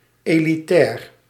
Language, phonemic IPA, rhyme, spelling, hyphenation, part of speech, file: Dutch, /ˌeː.liˈtɛːr/, -ɛːr, elitair, eli‧tair, adjective, Nl-elitair.ogg
- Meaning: 1. elitist, relating to or characteristic of elites 2. elitist, demonstrating or betraying elitist attitudes